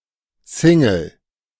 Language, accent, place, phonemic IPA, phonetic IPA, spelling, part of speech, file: German, Germany, Berlin, /ˈsɪŋəl/, [ˈsɪŋl̩], Single, noun, De-Single.ogg
- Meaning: 1. single (45rpm vinyl record) 2. single (song from an album, released individually) 3. single; singleton (someone who is not involved in a stable romantic relationship)